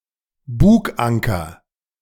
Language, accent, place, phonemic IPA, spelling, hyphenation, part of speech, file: German, Germany, Berlin, /ˈbuːkˌaŋkɐ/, Buganker, Bug‧an‧ker, noun, De-Buganker.ogg
- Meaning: bower anchor